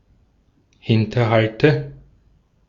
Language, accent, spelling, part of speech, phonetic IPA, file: German, Austria, Hinterhalte, noun, [ˈhɪntɐˌhaltə], De-at-Hinterhalte.ogg
- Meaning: nominative/accusative/genitive plural of Hinterhalt